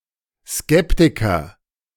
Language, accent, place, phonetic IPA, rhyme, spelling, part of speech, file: German, Germany, Berlin, [ˈskɛptɪkɐ], -ɛptɪkɐ, Skeptiker, noun, De-Skeptiker.ogg
- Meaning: sceptic